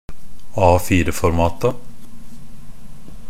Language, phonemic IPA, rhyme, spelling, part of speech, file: Norwegian Bokmål, /ˈɑːfiːrəfɔrmɑːta/, -ɑːta, A4-formata, noun, NB - Pronunciation of Norwegian Bokmål «A4-formata».ogg
- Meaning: definite plural of A4-format